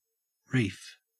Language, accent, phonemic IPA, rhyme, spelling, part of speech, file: English, Australia, /ɹiːf/, -iːf, reef, noun / verb / adjective, En-au-reef.ogg
- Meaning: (noun) 1. A chain or range of rocks, sand, or coral lying at or near the surface of the water 2. A large vein of auriferous quartz; hence, any body of rock yielding valuable ore